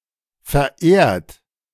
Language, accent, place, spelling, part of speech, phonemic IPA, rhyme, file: German, Germany, Berlin, verehrt, verb / adjective, /fɛɐ̯ˈʔeːɐ̯t/, -eːɐ̯t, De-verehrt.ogg
- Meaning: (verb) past participle of verehren; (adjective) revered, venerated, adored; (verb) inflection of verehren: 1. third-person singular present 2. second-person plural present 3. plural imperative